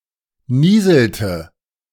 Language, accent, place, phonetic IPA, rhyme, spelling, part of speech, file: German, Germany, Berlin, [ˈniːzl̩tə], -iːzl̩tə, nieselte, verb, De-nieselte.ogg
- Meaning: inflection of nieseln: 1. third-person singular preterite 2. third-person singular subjunctive II